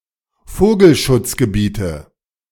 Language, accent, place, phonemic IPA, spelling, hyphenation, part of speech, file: German, Germany, Berlin, /ˈfoːɡl̩.ʃʊt͡s.ɡəˌbiːtə/, Vogelschutzgebiete, Vo‧gel‧schutz‧ge‧bie‧te, noun, De-Vogelschutzgebiete.ogg
- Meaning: 1. dative singular of Vogelschutzgebiet 2. nominative genitive accusative plural of Vogelschutzgebiet